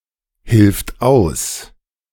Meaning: third-person singular present of aushelfen
- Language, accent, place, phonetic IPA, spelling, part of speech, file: German, Germany, Berlin, [ˌhɪlft ˈaʊ̯s], hilft aus, verb, De-hilft aus.ogg